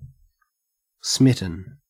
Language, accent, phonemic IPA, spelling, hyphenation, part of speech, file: English, Australia, /ˈsmɪ.tn̩/, smitten, smit‧ten, adjective / verb, En-au-smitten.ogg
- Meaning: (adjective) 1. Affected by an act of smiting 2. Affected by an act of smiting.: Made irrationally enthusiastic 3. Affected by an act of smiting.: In love; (verb) past participle of smite